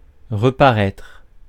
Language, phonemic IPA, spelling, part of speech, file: French, /ʁə.pa.ʁɛtʁ/, reparaître, verb, Fr-reparaître.ogg
- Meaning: to reappear